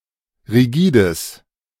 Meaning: strong/mixed nominative/accusative neuter singular of rigide
- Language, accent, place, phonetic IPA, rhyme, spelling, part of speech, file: German, Germany, Berlin, [ʁiˈɡiːdəs], -iːdəs, rigides, adjective, De-rigides.ogg